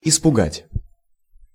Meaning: to frighten
- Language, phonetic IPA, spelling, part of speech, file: Russian, [ɪspʊˈɡatʲ], испугать, verb, Ru-испугать.ogg